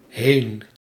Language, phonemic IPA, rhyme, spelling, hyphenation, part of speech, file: Dutch, /ɦeːn/, -eːn, heen, heen, adverb / noun, Nl-heen.ogg
- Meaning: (adverb) 1. away 2. to, towards 3. gone, outside the boundaries of the norms; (noun) sea clubrush (Bolboschoenus maritimus)